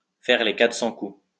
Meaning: to do one crazy thing after the other, to engage in all excesses imaginable, to live a wild life, to be wild, to be a party animal; to paint the town red, to go out on the town
- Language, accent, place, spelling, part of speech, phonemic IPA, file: French, France, Lyon, faire les quatre cents coups, verb, /fɛʁ le ka.tʁə sɑ̃ ku/, LL-Q150 (fra)-faire les quatre cents coups.wav